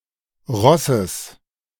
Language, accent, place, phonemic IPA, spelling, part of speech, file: German, Germany, Berlin, /ˈʁɔsəs/, Rosses, noun, De-Rosses.ogg
- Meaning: genitive singular of Ross